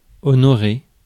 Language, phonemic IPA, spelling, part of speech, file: French, /ɔ.nɔ.ʁe/, honorer, verb, Fr-honorer.ogg
- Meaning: to honor, to honour